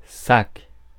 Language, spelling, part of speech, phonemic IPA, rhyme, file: French, sac, noun, /sak/, -ak, Fr-sac.ogg
- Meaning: 1. bag, sack 2. ten French francs 3. plunder, loot